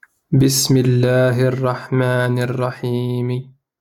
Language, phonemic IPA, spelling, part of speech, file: Arabic, /bis.mi‿l.laː.hi‿r.raħ.maː.ni‿r.ra.ħiː.mi/, بسم الله الرحمن الرحيم, phrase, LL-Q13955 (ara)-بسم الله الرحمن الرحيم.wav
- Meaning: "In the name of God, the Most Merciful, the Most Compassionate"; basmala; ﷽